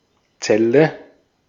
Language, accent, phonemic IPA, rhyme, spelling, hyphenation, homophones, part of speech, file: German, Austria, /ˈtsɛlə/, -ɛlə, Zelle, Zel‧le, Celle, noun / proper noun, De-at-Zelle.ogg
- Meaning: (noun) 1. cell (segregated room): in a monastery or convent 2. cell (segregated room): in a prison 3. cell 4. cell (component of a battery)